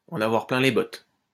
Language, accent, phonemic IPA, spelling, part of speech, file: French, France, /ɑ̃.n‿a.vwaʁ plɛ̃ le bɔt/, en avoir plein les bottes, verb, LL-Q150 (fra)-en avoir plein les bottes.wav
- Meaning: 1. to be sick and tired (of), to be fed up to the back teeth (with) 2. to be tired, after a long walk